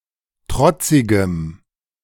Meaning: strong dative masculine/neuter singular of trotzig
- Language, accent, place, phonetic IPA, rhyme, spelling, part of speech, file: German, Germany, Berlin, [ˈtʁɔt͡sɪɡəm], -ɔt͡sɪɡəm, trotzigem, adjective, De-trotzigem.ogg